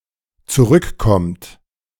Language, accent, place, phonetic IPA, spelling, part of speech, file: German, Germany, Berlin, [t͡suˈʁʏkˌkɔmt], zurückkommt, verb, De-zurückkommt.ogg
- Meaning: inflection of zurückkommen: 1. third-person singular dependent present 2. second-person plural dependent present